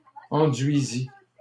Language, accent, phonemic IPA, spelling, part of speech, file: French, Canada, /ɑ̃.dɥi.zi/, enduisis, verb, LL-Q150 (fra)-enduisis.wav
- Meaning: first/second-person singular past historic of enduire